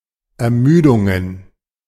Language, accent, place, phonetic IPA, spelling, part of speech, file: German, Germany, Berlin, [ɛɐ̯ˈmyːdʊŋən], Ermüdungen, noun, De-Ermüdungen.ogg
- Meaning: plural of Ermüdung